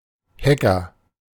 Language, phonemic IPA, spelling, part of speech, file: German, /ˈhɛkɐ/, Hacker, noun, De-Hacker.ogg
- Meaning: hacker